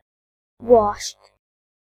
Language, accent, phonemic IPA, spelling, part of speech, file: English, UK, /wɒʃt/, washed, verb / adjective, En-gb-washed.ogg
- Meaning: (verb) simple past and past participle of wash; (adjective) Ellipsis of washed up